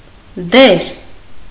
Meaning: role
- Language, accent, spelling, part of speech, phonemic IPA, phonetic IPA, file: Armenian, Eastern Armenian, դեր, noun, /deɾ/, [deɾ], Hy-դեր.ogg